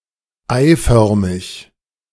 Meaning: egg-shaped, oval
- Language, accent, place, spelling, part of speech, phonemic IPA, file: German, Germany, Berlin, eiförmig, adjective, /ˈaɪ̯ˌfœʁmɪç/, De-eiförmig.ogg